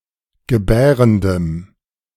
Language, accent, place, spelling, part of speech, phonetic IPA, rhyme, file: German, Germany, Berlin, gebärendem, adjective, [ɡəˈbɛːʁəndəm], -ɛːʁəndəm, De-gebärendem.ogg
- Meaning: strong dative masculine/neuter singular of gebärend